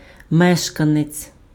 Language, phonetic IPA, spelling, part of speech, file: Ukrainian, [ˈmɛʃkɐnet͡sʲ], мешканець, noun, Uk-мешканець.ogg
- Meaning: resident, inhabitant, dweller, occupant